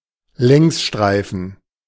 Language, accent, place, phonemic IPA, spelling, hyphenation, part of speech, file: German, Germany, Berlin, /ˈlɛŋsˌʃtʁaɪ̯fn̩/, Längsstreifen, Längs‧strei‧fen, noun, De-Längsstreifen.ogg
- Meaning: vertical stripe